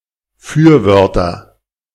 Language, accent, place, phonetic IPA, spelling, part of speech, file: German, Germany, Berlin, [ˈfyːɐ̯ˌvœʁtɐ], Fürwörter, noun, De-Fürwörter.ogg
- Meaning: nominative/accusative/genitive plural of Fürwort